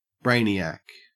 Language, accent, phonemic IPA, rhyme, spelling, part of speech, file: English, Australia, /ˈbɹeɪniæk/, -eɪniæk, brainiac, noun, En-au-brainiac.ogg
- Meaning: A very intelligent and usually studious, erudite person